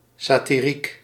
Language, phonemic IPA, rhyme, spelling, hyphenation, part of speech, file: Dutch, /ˌsaː.tiˈrik/, -ik, satiriek, sa‧ti‧riek, adjective, Nl-satiriek.ogg
- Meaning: satirical